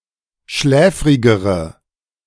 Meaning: inflection of schläfrig: 1. strong/mixed nominative/accusative feminine singular comparative degree 2. strong nominative/accusative plural comparative degree
- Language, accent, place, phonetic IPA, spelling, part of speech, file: German, Germany, Berlin, [ˈʃlɛːfʁɪɡəʁə], schläfrigere, adjective, De-schläfrigere.ogg